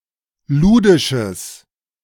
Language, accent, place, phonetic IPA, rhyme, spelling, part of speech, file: German, Germany, Berlin, [ˈluːdɪʃəs], -uːdɪʃəs, ludisches, adjective, De-ludisches.ogg
- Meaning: strong/mixed nominative/accusative neuter singular of ludisch